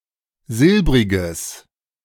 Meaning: strong/mixed nominative/accusative neuter singular of silbrig
- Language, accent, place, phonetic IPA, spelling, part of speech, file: German, Germany, Berlin, [ˈzɪlbʁɪɡəs], silbriges, adjective, De-silbriges.ogg